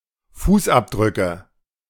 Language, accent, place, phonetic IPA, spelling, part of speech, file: German, Germany, Berlin, [ˈfuːsˌʔapdʁʏkə], Fußabdrücke, noun, De-Fußabdrücke.ogg
- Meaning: nominative/accusative/genitive plural of Fußabdruck